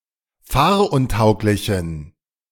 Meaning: inflection of fahruntauglich: 1. strong genitive masculine/neuter singular 2. weak/mixed genitive/dative all-gender singular 3. strong/weak/mixed accusative masculine singular 4. strong dative plural
- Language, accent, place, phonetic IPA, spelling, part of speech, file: German, Germany, Berlin, [ˈfaːɐ̯ʔʊnˌtaʊ̯klɪçn̩], fahruntauglichen, adjective, De-fahruntauglichen.ogg